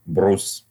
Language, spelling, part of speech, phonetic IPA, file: Russian, брус, noun, [brus], Ru-брус.ogg
- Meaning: squared beam